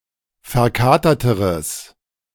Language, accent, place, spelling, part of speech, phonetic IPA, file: German, Germany, Berlin, verkaterteres, adjective, [fɛɐ̯ˈkaːtɐtəʁəs], De-verkaterteres.ogg
- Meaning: strong/mixed nominative/accusative neuter singular comparative degree of verkatert